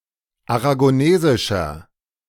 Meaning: inflection of aragonesisch: 1. strong/mixed nominative masculine singular 2. strong genitive/dative feminine singular 3. strong genitive plural
- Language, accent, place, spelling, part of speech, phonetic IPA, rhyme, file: German, Germany, Berlin, aragonesischer, adjective, [aʁaɡoˈneːzɪʃɐ], -eːzɪʃɐ, De-aragonesischer.ogg